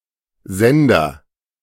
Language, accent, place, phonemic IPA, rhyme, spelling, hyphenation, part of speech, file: German, Germany, Berlin, /ˈzɛndɐ/, -ɛndɐ, Sender, Sen‧der, noun, De-Sender.ogg
- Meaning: agent noun of senden: 1. sender 2. broadcaster 3. transmitter